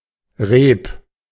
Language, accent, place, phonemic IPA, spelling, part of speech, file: German, Germany, Berlin, /ʁeːp/, Reep, noun, De-Reep.ogg
- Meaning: rope